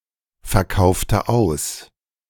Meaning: inflection of ausverkaufen: 1. first/third-person singular preterite 2. first/third-person singular subjunctive II
- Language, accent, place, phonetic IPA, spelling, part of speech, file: German, Germany, Berlin, [fɛɐ̯ˌkaʊ̯ftə ˈaʊ̯s], verkaufte aus, verb, De-verkaufte aus.ogg